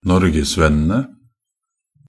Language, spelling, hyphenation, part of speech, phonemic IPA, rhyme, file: Norwegian Bokmål, norgesvennene, nor‧ges‧venn‧en‧e, noun, /ˈnɔrɡɛsvɛnːənə/, -ənə, Nb-norgesvennene.ogg
- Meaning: definite plural of norgesvenn